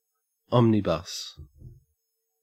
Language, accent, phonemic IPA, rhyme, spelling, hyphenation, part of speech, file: English, Australia, /ˈɒmnɪbəs/, -ɪbəs, omnibus, om‧ni‧bus, noun / adjective / verb, En-au-omnibus.ogg
- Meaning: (noun) 1. A bus (vehicle for transporting large numbers of people along roads) 2. An anthology of previously released material linked together by theme or author, especially in book form